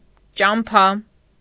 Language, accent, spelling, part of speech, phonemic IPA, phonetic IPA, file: Armenian, Eastern Armenian, ճամփա, noun, /t͡ʃɑmˈpʰɑ/, [t͡ʃɑmpʰɑ́], Hy-ճամփա.ogg
- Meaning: road